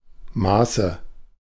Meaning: nominative/accusative/genitive plural of Maß
- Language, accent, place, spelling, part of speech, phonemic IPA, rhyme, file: German, Germany, Berlin, Maße, noun, /ˈmaːsə/, -aːsə, De-Maße.ogg